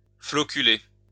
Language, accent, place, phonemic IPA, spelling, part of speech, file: French, France, Lyon, /flɔ.ky.le/, floculer, verb, LL-Q150 (fra)-floculer.wav
- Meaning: to flocculate